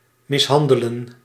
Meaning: to abuse, to mistreat, to maltreat, to hurt
- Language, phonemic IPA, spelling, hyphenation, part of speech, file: Dutch, /ˌmɪsˈɦɑn.də.lə(n)/, mishandelen, mis‧han‧de‧len, verb, Nl-mishandelen.ogg